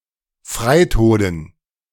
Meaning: dative plural of Freitod
- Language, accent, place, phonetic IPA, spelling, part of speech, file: German, Germany, Berlin, [ˈfʁaɪ̯ˌtoːdn̩], Freitoden, noun, De-Freitoden.ogg